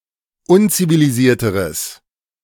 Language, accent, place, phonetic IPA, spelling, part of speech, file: German, Germany, Berlin, [ˈʊnt͡siviliˌziːɐ̯təʁəs], unzivilisierteres, adjective, De-unzivilisierteres.ogg
- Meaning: strong/mixed nominative/accusative neuter singular comparative degree of unzivilisiert